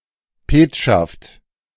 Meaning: seal, stamp
- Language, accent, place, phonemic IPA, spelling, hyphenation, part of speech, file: German, Germany, Berlin, /ˈpeːtʃaft/, Petschaft, Pet‧schaft, noun, De-Petschaft.ogg